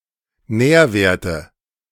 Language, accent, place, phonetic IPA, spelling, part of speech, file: German, Germany, Berlin, [ˈnɛːɐ̯ˌveːɐ̯tə], Nährwerte, noun, De-Nährwerte.ogg
- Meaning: inflection of Nährwert: 1. nominative/genitive/accusative plural 2. dative singular